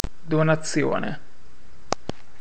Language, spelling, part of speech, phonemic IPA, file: Italian, donazione, noun, /donaˈtsjone/, It-donazione.ogg